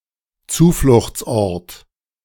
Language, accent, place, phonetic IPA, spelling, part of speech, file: German, Germany, Berlin, [ˈt͡suːflʊxt͡sˌʔɔʁt], Zufluchtsort, noun, De-Zufluchtsort.ogg
- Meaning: a shelter